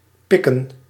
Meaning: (verb) 1. to peck (as with a bird's beak), hammer 2. to tolerate, condone (accept begrudgingly), accept or stand (for) something 3. (informal) to steal, thieve, nick, snatch 4. to pitch, tar
- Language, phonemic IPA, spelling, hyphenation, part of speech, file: Dutch, /ˈpɪ.kə(n)/, pikken, pik‧ken, verb / noun, Nl-pikken.ogg